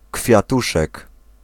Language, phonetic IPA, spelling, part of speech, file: Polish, [kfʲjaˈtuʃɛk], kwiatuszek, noun, Pl-kwiatuszek.ogg